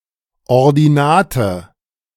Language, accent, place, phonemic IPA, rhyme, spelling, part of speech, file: German, Germany, Berlin, /ɔʁdiˈnaːtə/, -aːtə, Ordinate, noun, De-Ordinate.ogg
- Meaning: ordinate (the value of a coordinate on the vertical (Y) axis)